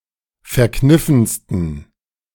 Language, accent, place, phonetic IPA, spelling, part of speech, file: German, Germany, Berlin, [fɛɐ̯ˈknɪfn̩stən], verkniffensten, adjective, De-verkniffensten.ogg
- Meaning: 1. superlative degree of verkniffen 2. inflection of verkniffen: strong genitive masculine/neuter singular superlative degree